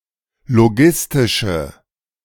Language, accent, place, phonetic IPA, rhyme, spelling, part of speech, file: German, Germany, Berlin, [loˈɡɪstɪʃə], -ɪstɪʃə, logistische, adjective, De-logistische.ogg
- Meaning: inflection of logistisch: 1. strong/mixed nominative/accusative feminine singular 2. strong nominative/accusative plural 3. weak nominative all-gender singular